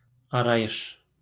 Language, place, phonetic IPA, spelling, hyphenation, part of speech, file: Azerbaijani, Baku, [ɑɾɑˈjɯʃ], arayış, a‧ray‧ış, noun, LL-Q9292 (aze)-arayış.wav
- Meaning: 1. certificate, testimonial 2. information, reference 3. alternative form of arayiş